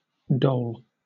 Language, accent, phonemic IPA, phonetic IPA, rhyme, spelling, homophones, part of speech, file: English, Southern England, /dəʊl/, [dɒʊl], -əʊl, dole, dhole, noun / verb, LL-Q1860 (eng)-dole.wav
- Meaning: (noun) 1. Distribution; dealing; apportionment 2. Distribution; dealing; apportionment.: Distribution of alms or gifts 3. Money or other goods given as charity